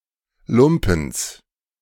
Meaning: genitive singular of Lumpen
- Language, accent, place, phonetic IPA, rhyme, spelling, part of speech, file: German, Germany, Berlin, [ˈlʊmpn̩s], -ʊmpn̩s, Lumpens, noun, De-Lumpens.ogg